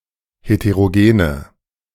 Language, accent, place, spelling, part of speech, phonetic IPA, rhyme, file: German, Germany, Berlin, heterogene, adjective, [heteʁoˈɡeːnə], -eːnə, De-heterogene.ogg
- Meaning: inflection of heterogen: 1. strong/mixed nominative/accusative feminine singular 2. strong nominative/accusative plural 3. weak nominative all-gender singular